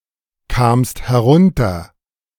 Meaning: second-person singular preterite of herunterkommen
- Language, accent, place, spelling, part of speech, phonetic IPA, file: German, Germany, Berlin, kamst herunter, verb, [ˌkaːmst hɛˈʁʊntɐ], De-kamst herunter.ogg